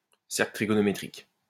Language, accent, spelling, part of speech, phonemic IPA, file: French, France, cercle trigonométrique, noun, /sɛʁ.klə tʁi.ɡɔ.nɔ.me.tʁik/, LL-Q150 (fra)-cercle trigonométrique.wav
- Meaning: unit circle (circle of radius 1 with centre at the origin, used in defining trigonometric functions)